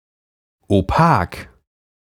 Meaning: opaque
- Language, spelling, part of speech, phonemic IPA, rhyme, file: German, opak, adjective, /oˈpaːk/, -aːk, De-opak.ogg